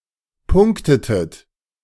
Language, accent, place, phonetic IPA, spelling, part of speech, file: German, Germany, Berlin, [ˈpʊŋktətət], punktetet, verb, De-punktetet.ogg
- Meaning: inflection of punkten: 1. second-person plural preterite 2. second-person plural subjunctive II